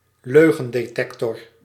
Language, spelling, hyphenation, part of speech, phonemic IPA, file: Dutch, leugendetector, leu‧gen‧de‧tec‧tor, noun, /ˈløː.ɣə(n).deːˌtɛk.tɔr/, Nl-leugendetector.ogg
- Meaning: lie detector (contraption supposed to detect whether subjects are lying or not)